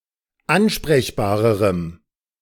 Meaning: strong dative masculine/neuter singular comparative degree of ansprechbar
- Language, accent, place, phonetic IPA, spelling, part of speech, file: German, Germany, Berlin, [ˈanʃpʁɛçbaːʁəʁəm], ansprechbarerem, adjective, De-ansprechbarerem.ogg